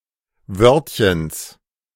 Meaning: genitive of Wörtchen
- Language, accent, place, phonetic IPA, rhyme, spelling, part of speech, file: German, Germany, Berlin, [ˈvœʁtçəns], -œʁtçəns, Wörtchens, noun, De-Wörtchens.ogg